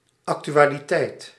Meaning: 1. actuality, activity 2. topicality 3. current affairs
- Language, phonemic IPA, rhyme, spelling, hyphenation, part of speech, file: Dutch, /ˌɑk.ty.aː.liˈtɛi̯t/, -ɛi̯t, actualiteit, ac‧tu‧a‧li‧teit, noun, Nl-actualiteit.ogg